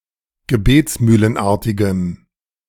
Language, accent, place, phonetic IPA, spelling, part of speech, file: German, Germany, Berlin, [ɡəˈbeːt͡smyːlənˌʔaʁtɪɡəm], gebetsmühlenartigem, adjective, De-gebetsmühlenartigem.ogg
- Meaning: strong dative masculine/neuter singular of gebetsmühlenartig